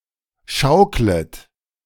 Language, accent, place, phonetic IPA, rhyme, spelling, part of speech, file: German, Germany, Berlin, [ˈʃaʊ̯klət], -aʊ̯klət, schauklet, verb, De-schauklet.ogg
- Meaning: second-person plural subjunctive I of schaukeln